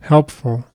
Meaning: Furnishing help; gives aid; useful
- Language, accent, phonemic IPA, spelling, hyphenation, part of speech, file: English, US, /ˈhɛlp.fl̩/, helpful, help‧ful, adjective, En-us-helpful1.ogg